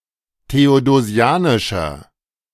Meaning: inflection of theodosianisch: 1. strong/mixed nominative masculine singular 2. strong genitive/dative feminine singular 3. strong genitive plural
- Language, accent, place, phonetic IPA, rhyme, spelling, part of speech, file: German, Germany, Berlin, [teodoˈzi̯aːnɪʃɐ], -aːnɪʃɐ, theodosianischer, adjective, De-theodosianischer.ogg